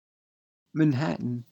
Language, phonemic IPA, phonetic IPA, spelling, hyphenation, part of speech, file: English, /mənˈhætn̩/, [mn̩ˈhætn̩], Manhattan, Man‧hat‧tan, proper noun / noun, En-NYC-Manhattan.ogg
- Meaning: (proper noun) An indigenous people of North America who lived in present day New York State